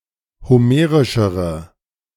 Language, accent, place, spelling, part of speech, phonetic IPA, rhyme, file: German, Germany, Berlin, homerischere, adjective, [hoˈmeːʁɪʃəʁə], -eːʁɪʃəʁə, De-homerischere.ogg
- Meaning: inflection of homerisch: 1. strong/mixed nominative/accusative feminine singular comparative degree 2. strong nominative/accusative plural comparative degree